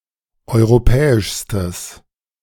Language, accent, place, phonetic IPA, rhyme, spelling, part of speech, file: German, Germany, Berlin, [ˌɔɪ̯ʁoˈpɛːɪʃstəs], -ɛːɪʃstəs, europäischstes, adjective, De-europäischstes.ogg
- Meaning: strong/mixed nominative/accusative neuter singular superlative degree of europäisch